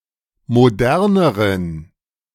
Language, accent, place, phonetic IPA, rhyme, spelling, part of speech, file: German, Germany, Berlin, [moˈdɛʁnəʁən], -ɛʁnəʁən, moderneren, adjective, De-moderneren.ogg
- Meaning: inflection of modern: 1. strong genitive masculine/neuter singular comparative degree 2. weak/mixed genitive/dative all-gender singular comparative degree